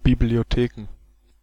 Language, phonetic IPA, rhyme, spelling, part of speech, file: German, [biblioˈteːkn̩], -eːkn̩, Bibliotheken, noun, De-Bibliotheken.ogg
- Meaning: plural of Bibliothek